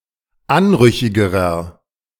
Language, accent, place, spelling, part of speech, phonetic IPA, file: German, Germany, Berlin, anrüchigerer, adjective, [ˈanˌʁʏçɪɡəʁɐ], De-anrüchigerer.ogg
- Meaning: inflection of anrüchig: 1. strong/mixed nominative masculine singular comparative degree 2. strong genitive/dative feminine singular comparative degree 3. strong genitive plural comparative degree